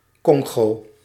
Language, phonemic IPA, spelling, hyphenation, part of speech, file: Dutch, /ˈkɔŋ.ɣoː/, Kongo, Kon‧go, proper noun, Nl-Kongo.ogg